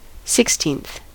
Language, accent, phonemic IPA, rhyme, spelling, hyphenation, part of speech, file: English, US, /ˌsɪksˈtiːnθ/, -iːnθ, sixteenth, six‧teenth, adjective / noun, En-us-sixteenth.ogg
- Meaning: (adjective) The ordinal form of the number sixteen; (noun) One of sixteen equal parts of a whole